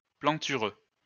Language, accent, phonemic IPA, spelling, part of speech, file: French, France, /plɑ̃.ty.ʁø/, plantureux, adjective, LL-Q150 (fra)-plantureux.wav
- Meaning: 1. buxom, curvaceous 2. copious, lavish 3. fertile